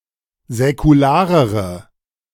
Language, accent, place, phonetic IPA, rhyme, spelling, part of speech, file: German, Germany, Berlin, [zɛkuˈlaːʁəʁə], -aːʁəʁə, säkularere, adjective, De-säkularere.ogg
- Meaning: inflection of säkular: 1. strong/mixed nominative/accusative feminine singular comparative degree 2. strong nominative/accusative plural comparative degree